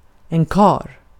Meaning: 1. a “real man”, a capable man, a full grown man (compare kraftkarl (“strongman”), karlaktig (“in manly fashion”)) 2. man (male human) 3. husband
- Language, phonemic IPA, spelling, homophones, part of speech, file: Swedish, /kɑːr/, karl, kar, noun, Sv-karl.ogg